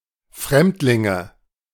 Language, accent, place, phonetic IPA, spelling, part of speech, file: German, Germany, Berlin, [ˈfʁɛmtlɪŋə], Fremdlinge, noun, De-Fremdlinge.ogg
- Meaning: nominative/accusative/genitive plural of Fremdling